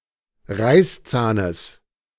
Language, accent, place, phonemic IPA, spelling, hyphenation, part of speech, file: German, Germany, Berlin, /ˈʁaɪ̯sˌt͡saːnəs/, Reißzahnes, Reiß‧zah‧nes, noun, De-Reißzahnes.ogg
- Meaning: genitive singular of Reißzahn